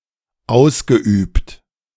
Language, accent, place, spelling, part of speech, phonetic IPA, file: German, Germany, Berlin, ausgeübt, verb, [ˈaʊ̯sɡəˌʔyːpt], De-ausgeübt.ogg
- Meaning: past participle of ausüben